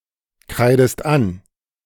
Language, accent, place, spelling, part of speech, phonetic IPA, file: German, Germany, Berlin, kreidest an, verb, [ˌkʁaɪ̯dəst ˈan], De-kreidest an.ogg
- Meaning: inflection of ankreiden: 1. second-person singular present 2. second-person singular subjunctive I